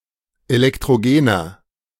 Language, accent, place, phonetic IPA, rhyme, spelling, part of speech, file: German, Germany, Berlin, [elɛktʁoˈɡeːnɐ], -eːnɐ, elektrogener, adjective, De-elektrogener.ogg
- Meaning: inflection of elektrogen: 1. strong/mixed nominative masculine singular 2. strong genitive/dative feminine singular 3. strong genitive plural